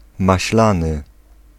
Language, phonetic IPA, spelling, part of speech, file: Polish, [maɕˈlãnɨ], maślany, adjective / noun, Pl-maślany.ogg